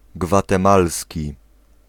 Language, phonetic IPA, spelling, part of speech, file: Polish, [ˌɡvatɛ̃ˈmalsʲci], gwatemalski, adjective, Pl-gwatemalski.ogg